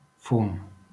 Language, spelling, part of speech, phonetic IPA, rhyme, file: Catalan, fum, noun, [ˈfum], -um, LL-Q7026 (cat)-fum.wav
- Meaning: smoke